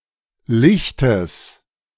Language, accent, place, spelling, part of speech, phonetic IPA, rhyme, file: German, Germany, Berlin, Lichtes, noun, [ˈlɪçtəs], -ɪçtəs, De-Lichtes.ogg
- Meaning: genitive singular of Licht